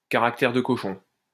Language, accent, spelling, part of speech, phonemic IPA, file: French, France, caractère de cochon, noun, /ka.ʁak.tɛʁ də kɔ.ʃɔ̃/, LL-Q150 (fra)-caractère de cochon.wav
- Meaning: a nasty character, a bad temper